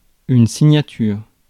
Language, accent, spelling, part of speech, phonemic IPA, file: French, France, signature, noun, /si.ɲa.tyʁ/, Fr-signature.ogg
- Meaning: 1. signature (a person's name written in their own handwriting) 2. the act of signing